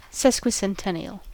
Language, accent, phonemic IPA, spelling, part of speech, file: English, US, /ˌsɛskwɪsɛnˈtɛni.əl/, sesquicentennial, adjective / noun, En-us-sesquicentennial.ogg
- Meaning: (adjective) 1. Occurring every 150 years 2. Of, or relating to a sesquicentenary; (noun) A 150th anniversary